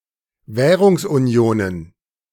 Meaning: plural of Währungsunion
- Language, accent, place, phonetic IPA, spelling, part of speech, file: German, Germany, Berlin, [ˈvɛːʁʊŋsʔunˌi̯oːnən], Währungsunionen, noun, De-Währungsunionen.ogg